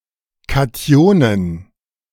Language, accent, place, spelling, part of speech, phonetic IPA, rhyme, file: German, Germany, Berlin, Kationen, noun, [kaˈti̯oːnən], -oːnən, De-Kationen.ogg
- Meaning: plural of Kation